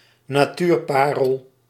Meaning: pearl of natural beauty, beautiful natural location
- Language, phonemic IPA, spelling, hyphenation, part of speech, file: Dutch, /naːˈtyːrˌpaː.rəl/, natuurparel, na‧tuur‧pa‧rel, noun, Nl-natuurparel.ogg